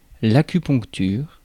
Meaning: acupuncture
- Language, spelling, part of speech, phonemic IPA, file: French, acupuncture, noun, /a.ky.pɔ̃k.tyʁ/, Fr-acupuncture.ogg